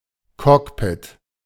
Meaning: 1. in the aviation the room, where the pilot and the co-pilot steer the aircraft; cockpit 2. in the car industry the front area, where the driver and the front-seat passenger seats are; cockpit
- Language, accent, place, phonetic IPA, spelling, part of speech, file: German, Germany, Berlin, [ˈkɔkˌpɪt], Cockpit, noun, De-Cockpit.ogg